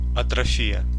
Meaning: atrophy
- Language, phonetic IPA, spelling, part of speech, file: Russian, [ɐtrɐˈfʲijə], атрофия, noun, Ru-атрофия.ogg